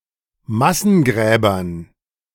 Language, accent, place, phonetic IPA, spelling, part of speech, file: German, Germany, Berlin, [ˈmasn̩ˌɡʁɛːbɐn], Massengräbern, noun, De-Massengräbern.ogg
- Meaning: dative plural of Massengrab